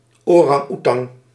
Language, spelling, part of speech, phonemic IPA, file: Dutch, orang-oetang, noun, /ˌorɑŋˈutɑŋ/, Nl-orang-oetang.ogg
- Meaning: alternative form of orang-oetan